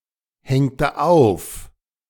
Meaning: inflection of aufhängen: 1. first/third-person singular preterite 2. first/third-person singular subjunctive II
- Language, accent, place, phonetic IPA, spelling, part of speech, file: German, Germany, Berlin, [ˌhɛŋtə ˈaʊ̯f], hängte auf, verb, De-hängte auf.ogg